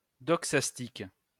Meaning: doxastic (related to beliefs, convictions)
- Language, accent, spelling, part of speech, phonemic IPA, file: French, France, doxastique, adjective, /dɔk.sas.tik/, LL-Q150 (fra)-doxastique.wav